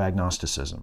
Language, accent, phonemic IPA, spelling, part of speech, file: English, US, /æɡˈnɑstɪsɪzəm/, agnosticism, noun, En-us-agnosticism.ogg
- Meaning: The view that absolute truth or ultimate certainty is unattainable, especially regarding knowledge not based on experience or perceivable phenomena